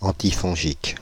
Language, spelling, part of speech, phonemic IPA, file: French, antifongique, adjective / noun, /ɑ̃.ti.fɔ̃.ʒik/, Fr-antifongique.ogg
- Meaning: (adjective) antifungal, antimycotic